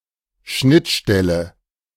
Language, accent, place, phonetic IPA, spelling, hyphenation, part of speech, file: German, Germany, Berlin, [ˈʃnɪtˌʃtɛlə], Schnittstelle, Schnitt‧stel‧le, noun, De-Schnittstelle.ogg
- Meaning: 1. interface 2. point of intersection